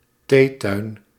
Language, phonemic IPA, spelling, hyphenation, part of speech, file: Dutch, /ˈteː.tœy̯n/, theetuin, thee‧tuin, noun, Nl-theetuin.ogg
- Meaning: 1. a tea garden, an establishment with a garden where tea is served outdoors 2. an elegant (private) garden designed as a location for drinking tea 3. a roji